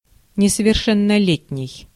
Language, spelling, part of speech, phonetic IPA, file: Russian, несовершеннолетний, adjective / noun, [nʲɪsəvʲɪrˌʂɛnːɐˈlʲetʲnʲɪj], Ru-несовершеннолетний.ogg
- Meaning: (adjective) underage (in terms of individuals); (noun) minor (an individual below of the age of majority)